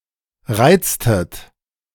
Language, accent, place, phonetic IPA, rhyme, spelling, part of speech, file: German, Germany, Berlin, [ˈʁaɪ̯t͡stət], -aɪ̯t͡stət, reiztet, verb, De-reiztet.ogg
- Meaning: inflection of reizen: 1. second-person plural preterite 2. second-person plural subjunctive II